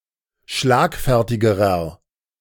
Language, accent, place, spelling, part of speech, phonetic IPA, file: German, Germany, Berlin, schlagfertigerer, adjective, [ˈʃlaːkˌfɛʁtɪɡəʁɐ], De-schlagfertigerer.ogg
- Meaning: inflection of schlagfertig: 1. strong/mixed nominative masculine singular comparative degree 2. strong genitive/dative feminine singular comparative degree 3. strong genitive plural comparative degree